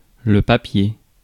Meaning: 1. paper (A material used for writing or printing on, made from cellulose pulp rolled into thin sheets) 2. paper (official documents) 3. article, piece (in a newspaper) 4. paperwork
- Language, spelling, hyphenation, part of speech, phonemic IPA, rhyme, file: French, papier, pa‧pier, noun, /pa.pje/, -e, Fr-papier.ogg